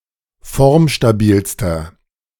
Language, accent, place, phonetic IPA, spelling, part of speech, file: German, Germany, Berlin, [ˈfɔʁmʃtaˌbiːlstɐ], formstabilster, adjective, De-formstabilster.ogg
- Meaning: inflection of formstabil: 1. strong/mixed nominative masculine singular superlative degree 2. strong genitive/dative feminine singular superlative degree 3. strong genitive plural superlative degree